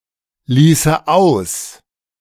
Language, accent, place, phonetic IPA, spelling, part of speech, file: German, Germany, Berlin, [ˌliːsə ˈaʊ̯s], ließe aus, verb, De-ließe aus.ogg
- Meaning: first/third-person singular subjunctive II of auslassen